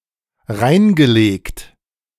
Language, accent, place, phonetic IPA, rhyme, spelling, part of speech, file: German, Germany, Berlin, [ˈʁaɪ̯nɡəˌleːkt], -aɪ̯nɡəleːkt, reingelegt, verb, De-reingelegt.ogg
- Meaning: past participle of reinlegen